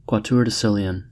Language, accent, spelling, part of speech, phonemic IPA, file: English, US, quattuordecillion, numeral, /ˌkwɒtjuɔː(ɹ)dəˈsɪl.i.ən/, En-us-quattuordecillion.ogg
- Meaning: 1. 10⁴⁵ 2. 10⁸⁴